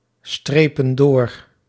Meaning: inflection of doorstrepen: 1. plural present indicative 2. plural present subjunctive
- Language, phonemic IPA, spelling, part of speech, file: Dutch, /ˈstrepə(n) ˈdor/, strepen door, verb, Nl-strepen door.ogg